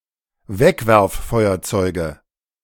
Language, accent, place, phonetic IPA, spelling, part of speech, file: German, Germany, Berlin, [ˈvɛkvɛʁfˌfɔɪ̯ɐt͡sɔɪ̯ɡə], Wegwerffeuerzeuge, noun, De-Wegwerffeuerzeuge.ogg
- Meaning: nominative/accusative/genitive plural of Wegwerffeuerzeug